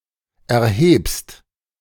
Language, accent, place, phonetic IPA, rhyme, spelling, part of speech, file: German, Germany, Berlin, [ɛɐ̯ˈheːpst], -eːpst, erhebst, verb, De-erhebst.ogg
- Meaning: second-person singular present of erheben